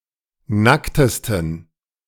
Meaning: 1. superlative degree of nackt 2. inflection of nackt: strong genitive masculine/neuter singular superlative degree
- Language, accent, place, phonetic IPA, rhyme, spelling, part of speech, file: German, Germany, Berlin, [ˈnaktəstn̩], -aktəstn̩, nacktesten, adjective, De-nacktesten.ogg